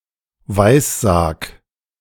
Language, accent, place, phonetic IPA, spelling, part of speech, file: German, Germany, Berlin, [ˈvaɪ̯sˌzaːk], weissag, verb, De-weissag.ogg
- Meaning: 1. singular imperative of weissagen 2. first-person singular present of weissagen